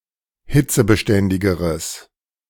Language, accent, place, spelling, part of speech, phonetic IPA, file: German, Germany, Berlin, hitzebeständigeres, adjective, [ˈhɪt͡səbəˌʃtɛndɪɡəʁəs], De-hitzebeständigeres.ogg
- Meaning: strong/mixed nominative/accusative neuter singular comparative degree of hitzebeständig